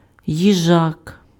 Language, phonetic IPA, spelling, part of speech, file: Ukrainian, [jiˈʒak], їжак, noun, Uk-їжак.ogg
- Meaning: hedgehog (animal)